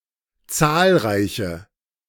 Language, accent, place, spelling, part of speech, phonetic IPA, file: German, Germany, Berlin, zahlreiche, adjective, [ˈtsaːlʁaɪ̯çə], De-zahlreiche.ogg
- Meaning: inflection of zahlreich: 1. strong/mixed nominative/accusative feminine singular 2. strong nominative/accusative plural 3. weak nominative all-gender singular